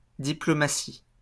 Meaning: the profession and study of diplomacy, conducting political relations between states
- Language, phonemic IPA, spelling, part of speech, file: French, /di.plɔ.ma.si/, diplomatie, noun, LL-Q150 (fra)-diplomatie.wav